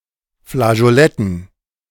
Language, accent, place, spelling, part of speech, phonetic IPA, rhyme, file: German, Germany, Berlin, Flageoletten, noun, [flaʒoˈlɛtn̩], -ɛtn̩, De-Flageoletten.ogg
- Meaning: dative plural of Flageolett